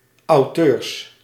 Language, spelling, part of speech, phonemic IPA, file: Dutch, auteurs, noun, /oˈtørs/, Nl-auteurs.ogg
- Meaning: plural of auteur